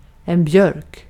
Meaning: 1. birch (tree) 2. birch (wood)
- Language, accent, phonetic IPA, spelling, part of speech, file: Swedish, Sweden, [ˈbjœ̞rk], björk, noun, Sv-björk.ogg